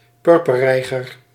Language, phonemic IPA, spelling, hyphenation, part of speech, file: Dutch, /ˈpʏr.pə(r)ˌrɛi̯.ɣər/, purperreiger, pur‧per‧rei‧ger, noun, Nl-purperreiger.ogg
- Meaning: purple heron (Ardea purpurea)